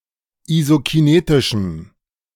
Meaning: strong dative masculine/neuter singular of isokinetisch
- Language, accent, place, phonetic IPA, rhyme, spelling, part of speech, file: German, Germany, Berlin, [izokiˈneːtɪʃm̩], -eːtɪʃm̩, isokinetischem, adjective, De-isokinetischem.ogg